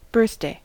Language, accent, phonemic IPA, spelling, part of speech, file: English, US, /ˈbɝθˌdeɪ/, birthday, noun / verb, En-us-birthday.ogg
- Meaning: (noun) 1. The anniversary of the day on which someone is born 2. The anniversary of the day on which something is created